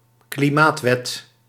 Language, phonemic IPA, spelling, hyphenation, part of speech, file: Dutch, /kliˈmaːtˌʋɛt/, klimaatwet, kli‧maat‧wet, noun, Nl-klimaatwet.ogg
- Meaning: law regulating aspects of climate policy, often a comprehensive law that f.e. stipulates a carbon or climate budget